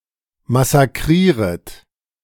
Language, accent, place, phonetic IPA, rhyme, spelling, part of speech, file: German, Germany, Berlin, [masaˈkʁiːʁət], -iːʁət, massakrieret, verb, De-massakrieret.ogg
- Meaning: second-person plural subjunctive I of massakrieren